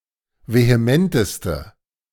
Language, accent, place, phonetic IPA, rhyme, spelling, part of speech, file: German, Germany, Berlin, [veheˈmɛntəstə], -ɛntəstə, vehementeste, adjective, De-vehementeste.ogg
- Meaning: inflection of vehement: 1. strong/mixed nominative/accusative feminine singular superlative degree 2. strong nominative/accusative plural superlative degree